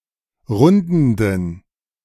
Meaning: inflection of rundend: 1. strong genitive masculine/neuter singular 2. weak/mixed genitive/dative all-gender singular 3. strong/weak/mixed accusative masculine singular 4. strong dative plural
- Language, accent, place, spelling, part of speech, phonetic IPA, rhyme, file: German, Germany, Berlin, rundenden, adjective, [ˈʁʊndn̩dən], -ʊndn̩dən, De-rundenden.ogg